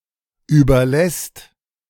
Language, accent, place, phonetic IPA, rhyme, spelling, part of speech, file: German, Germany, Berlin, [ˌyːbɐˈlɛst], -ɛst, überlässt, verb, De-überlässt.ogg
- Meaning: second/third-person singular present of überlassen